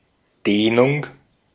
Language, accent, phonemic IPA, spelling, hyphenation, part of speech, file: German, Austria, /ˈdeːnʊŋ/, Dehnung, Deh‧nung, noun, De-at-Dehnung.ogg
- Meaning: 1. stretching 2. dilation 3. lengthening